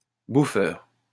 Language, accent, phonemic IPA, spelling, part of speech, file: French, France, /bu.fœʁ/, bouffeur, noun, LL-Q150 (fra)-bouffeur.wav
- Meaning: eater (person who eats)